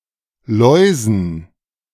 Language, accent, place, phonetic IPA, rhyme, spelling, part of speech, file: German, Germany, Berlin, [ˈlɔɪ̯zn̩], -ɔɪ̯zn̩, Läusen, noun, De-Läusen.ogg
- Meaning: dative plural of Laus